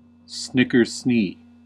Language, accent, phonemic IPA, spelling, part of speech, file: English, US, /ˌsnɪk.ɚˈsniː/, snickersnee, noun, En-us-snickersnee.ogg
- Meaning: 1. A large, sword-like knife, especially one used as a weapon 2. A knife fight